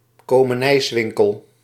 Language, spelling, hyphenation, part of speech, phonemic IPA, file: Dutch, komenijswinkel, ko‧me‧nijs‧win‧kel, noun, /koː.məˈnɛi̯sˌʋɪŋ.kəl/, Nl-komenijswinkel.ogg
- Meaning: a grocery store